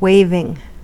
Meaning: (verb) present participle and gerund of wave; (noun) 1. The motion of something that waves 2. Repeated moving of arms or hands to signal
- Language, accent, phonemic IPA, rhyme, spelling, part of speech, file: English, US, /ˈweɪvɪŋ/, -eɪvɪŋ, waving, verb / noun, En-us-waving.ogg